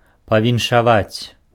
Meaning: to congratulate
- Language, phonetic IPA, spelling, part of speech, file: Belarusian, [pavʲinʂaˈvat͡sʲ], павіншаваць, verb, Be-павіншаваць.ogg